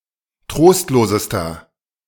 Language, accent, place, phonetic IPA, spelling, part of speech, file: German, Germany, Berlin, [ˈtʁoːstloːzəstɐ], trostlosester, adjective, De-trostlosester.ogg
- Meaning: inflection of trostlos: 1. strong/mixed nominative masculine singular superlative degree 2. strong genitive/dative feminine singular superlative degree 3. strong genitive plural superlative degree